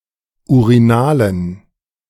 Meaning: inflection of urinal: 1. strong genitive masculine/neuter singular 2. weak/mixed genitive/dative all-gender singular 3. strong/weak/mixed accusative masculine singular 4. strong dative plural
- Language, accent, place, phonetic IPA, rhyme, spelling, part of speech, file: German, Germany, Berlin, [uʁiˈnaːlən], -aːlən, urinalen, adjective, De-urinalen.ogg